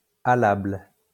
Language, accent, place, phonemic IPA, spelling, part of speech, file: French, France, Lyon, /a.labl/, allable, adjective, LL-Q150 (fra)-allable.wav
- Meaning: doable, feasible